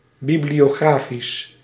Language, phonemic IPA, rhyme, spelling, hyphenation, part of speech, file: Dutch, /ˌbi.bli.oːˈɣraː.fis/, -aːfis, bibliografisch, bi‧blio‧gra‧fisch, adjective, Nl-bibliografisch.ogg
- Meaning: bibliographical